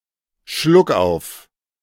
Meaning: hiccup
- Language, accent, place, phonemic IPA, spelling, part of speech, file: German, Germany, Berlin, /ˈʃlʊkˌʔaʊ̯f/, Schluckauf, noun, De-Schluckauf.ogg